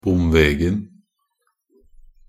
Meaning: definite singular of bomveg
- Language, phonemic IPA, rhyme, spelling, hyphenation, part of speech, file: Norwegian Bokmål, /ˈbʊmʋeːɡn̩/, -eːɡn̩, bomvegen, bom‧veg‧en, noun, Nb-bomvegen.ogg